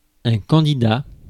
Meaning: candidate
- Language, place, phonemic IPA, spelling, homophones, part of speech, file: French, Paris, /kɑ̃.di.da/, candidat, candidats, noun, Fr-candidat.ogg